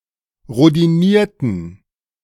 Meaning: inflection of rhodinieren: 1. first/third-person plural preterite 2. first/third-person plural subjunctive II
- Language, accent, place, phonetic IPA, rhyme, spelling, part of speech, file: German, Germany, Berlin, [ʁodiˈniːɐ̯tn̩], -iːɐ̯tn̩, rhodinierten, adjective / verb, De-rhodinierten.ogg